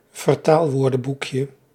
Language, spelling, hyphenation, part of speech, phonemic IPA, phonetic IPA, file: Dutch, vertaalwoordenboekje, ver‧taal‧woor‧den‧boek‧je, noun, /vərˈtaːlˌʋoːrdə(n)bukjə/, [vərˈtaːɫˌʋʊːrdə(m)bukjə], Nl-vertaalwoordenboekje.ogg
- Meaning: diminutive of vertaalwoordenboek